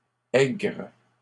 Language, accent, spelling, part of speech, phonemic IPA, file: French, Canada, aigres, adjective, /ɛɡʁ/, LL-Q150 (fra)-aigres.wav
- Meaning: plural of aigre